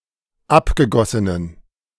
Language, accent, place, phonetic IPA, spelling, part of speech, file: German, Germany, Berlin, [ˈapɡəˌɡɔsənən], abgegossenen, adjective, De-abgegossenen.ogg
- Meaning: inflection of abgegossen: 1. strong genitive masculine/neuter singular 2. weak/mixed genitive/dative all-gender singular 3. strong/weak/mixed accusative masculine singular 4. strong dative plural